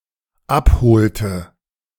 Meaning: inflection of abholen: 1. first/third-person singular dependent preterite 2. first/third-person singular dependent subjunctive II
- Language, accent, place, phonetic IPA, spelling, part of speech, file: German, Germany, Berlin, [ˈapˌhoːltə], abholte, verb, De-abholte.ogg